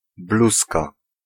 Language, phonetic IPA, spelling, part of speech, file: Polish, [ˈbluska], bluzka, noun, Pl-bluzka.ogg